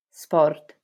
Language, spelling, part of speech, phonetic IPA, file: Italian, sport, noun, [ˈspɔrt], LL-Q652 (ita)-sport.wav